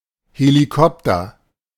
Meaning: helicopter
- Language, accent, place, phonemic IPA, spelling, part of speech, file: German, Germany, Berlin, /heliˈkɔptər/, Helikopter, noun, De-Helikopter.ogg